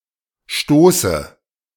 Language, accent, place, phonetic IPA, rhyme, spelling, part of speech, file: German, Germany, Berlin, [ˈʃtoːsə], -oːsə, stoße, verb, De-stoße.ogg
- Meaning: inflection of stoßen: 1. first-person singular present 2. first/third-person singular subjunctive I 3. singular imperative